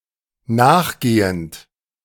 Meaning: present participle of nachgehen
- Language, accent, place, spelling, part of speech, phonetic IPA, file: German, Germany, Berlin, nachgehend, verb, [ˈnaːxˌɡeːənt], De-nachgehend.ogg